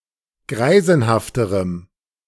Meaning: strong dative masculine/neuter singular comparative degree of greisenhaft
- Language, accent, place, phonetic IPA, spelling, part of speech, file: German, Germany, Berlin, [ˈɡʁaɪ̯zn̩haftəʁəm], greisenhafterem, adjective, De-greisenhafterem.ogg